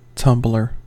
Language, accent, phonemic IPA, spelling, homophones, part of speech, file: English, US, /ˈtʌmblɚ/, tumbler, Tumblr, noun, En-us-tumbler.ogg
- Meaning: One who tumbles; one who plays tricks by various motions of the body